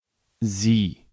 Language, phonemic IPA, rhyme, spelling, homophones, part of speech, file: German, /ziː/, -iː, Sie, sie / sieh, pronoun, De-Sie.ogg
- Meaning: you (polite, singular and plural)